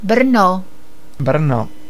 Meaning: Brno (capital of the South Moravian Region, Czech Republic, and second-largest city in the Czech Republic)
- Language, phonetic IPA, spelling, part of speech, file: Czech, [ˈbr̩no], Brno, proper noun, Cs-Brno.ogg